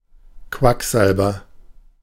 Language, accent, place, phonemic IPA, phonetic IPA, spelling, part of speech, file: German, Germany, Berlin, /ˈkvakˌzalbər/, [ˈkʋakˌzalbɐ], Quacksalber, noun, De-Quacksalber.ogg
- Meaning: quack, quacksalver (unqualified healer or incompetent doctor; male or unspecified sex)